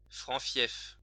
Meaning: 1. fief 2. stronghold (district where a particular political party is usually assured of victory)
- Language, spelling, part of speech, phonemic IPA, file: French, fief, noun, /fjɛf/, LL-Q150 (fra)-fief.wav